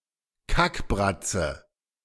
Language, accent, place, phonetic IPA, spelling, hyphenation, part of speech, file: German, Germany, Berlin, [ˈkakˌbʁat͡sə], Kackbratze, Kack‧brat‧ze, noun, De-Kackbratze.ogg
- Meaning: ugly person (usually a woman, but can also refer to a man or child)